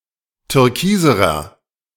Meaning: inflection of türkis: 1. strong/mixed nominative masculine singular comparative degree 2. strong genitive/dative feminine singular comparative degree 3. strong genitive plural comparative degree
- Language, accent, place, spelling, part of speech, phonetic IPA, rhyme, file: German, Germany, Berlin, türkiserer, adjective, [tʏʁˈkiːzəʁɐ], -iːzəʁɐ, De-türkiserer.ogg